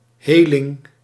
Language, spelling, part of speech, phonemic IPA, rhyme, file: Dutch, heling, noun, /ˈɦeː.lɪŋ/, -eːlɪŋ, Nl-heling.ogg
- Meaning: 1. fencing (buying of stolen goods) 2. healing